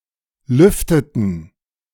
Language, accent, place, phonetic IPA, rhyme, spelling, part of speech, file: German, Germany, Berlin, [ˈlʏftətn̩], -ʏftətn̩, lüfteten, verb, De-lüfteten.ogg
- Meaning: inflection of lüften: 1. first/third-person plural preterite 2. first/third-person plural subjunctive II